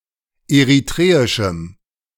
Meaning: strong dative masculine/neuter singular of eritreisch
- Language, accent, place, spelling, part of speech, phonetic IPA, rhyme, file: German, Germany, Berlin, eritreischem, adjective, [eʁiˈtʁeːɪʃm̩], -eːɪʃm̩, De-eritreischem.ogg